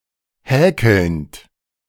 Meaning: present participle of häkeln
- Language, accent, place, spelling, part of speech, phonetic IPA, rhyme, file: German, Germany, Berlin, häkelnd, verb, [ˈhɛːkl̩nt], -ɛːkl̩nt, De-häkelnd.ogg